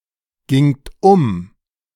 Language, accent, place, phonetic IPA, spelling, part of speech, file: German, Germany, Berlin, [ˌɡɪŋt ˈʊm], gingt um, verb, De-gingt um.ogg
- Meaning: second-person plural preterite of umgehen